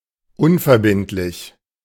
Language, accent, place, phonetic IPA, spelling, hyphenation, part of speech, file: German, Germany, Berlin, [ˈʊnfɛɐ̯bɪntlɪç], unverbindlich, un‧ver‧bind‧lich, adjective, De-unverbindlich.ogg
- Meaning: 1. non-binding 2. non-commital